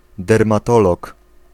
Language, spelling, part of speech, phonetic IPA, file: Polish, dermatolog, noun, [ˌdɛrmaˈtɔlɔk], Pl-dermatolog.ogg